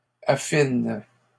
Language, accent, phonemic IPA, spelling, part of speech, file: French, Canada, /a.fin/, affine, verb, LL-Q150 (fra)-affine.wav
- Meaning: inflection of affiner: 1. first/third-person singular present indicative/subjunctive 2. second-person singular imperative